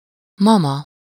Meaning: 1. mom, mum 2. grandmom
- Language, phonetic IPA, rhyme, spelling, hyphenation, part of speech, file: Hungarian, [ˈmɒmɒ], -mɒ, mama, ma‧ma, noun, Hu-mama.ogg